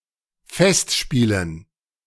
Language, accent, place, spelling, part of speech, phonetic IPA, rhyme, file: German, Germany, Berlin, Festspielen, noun, [ˈfɛstˌʃpiːlən], -ɛstʃpiːlən, De-Festspielen.ogg
- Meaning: dative plural of Festspiel